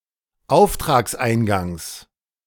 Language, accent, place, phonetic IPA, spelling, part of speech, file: German, Germany, Berlin, [ˈaʊ̯ftʁaːksˌʔaɪ̯nɡaŋs], Auftragseingangs, noun, De-Auftragseingangs.ogg
- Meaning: genitive singular of Auftragseingang